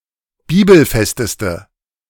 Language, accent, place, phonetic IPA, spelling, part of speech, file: German, Germany, Berlin, [ˈbiːbl̩ˌfɛstəstə], bibelfesteste, adjective, De-bibelfesteste.ogg
- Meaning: inflection of bibelfest: 1. strong/mixed nominative/accusative feminine singular superlative degree 2. strong nominative/accusative plural superlative degree